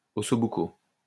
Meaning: post-1990 spelling of osso buco
- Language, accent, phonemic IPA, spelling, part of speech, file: French, France, /ɔ.so.bu.ko/, ossobuco, noun, LL-Q150 (fra)-ossobuco.wav